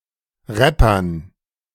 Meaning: dative plural of Rapper
- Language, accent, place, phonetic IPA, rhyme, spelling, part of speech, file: German, Germany, Berlin, [ˈʁɛpɐn], -ɛpɐn, Rappern, noun, De-Rappern.ogg